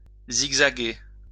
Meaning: to zigzag
- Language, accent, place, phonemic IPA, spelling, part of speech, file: French, France, Lyon, /ziɡ.za.ɡe/, zigzaguer, verb, LL-Q150 (fra)-zigzaguer.wav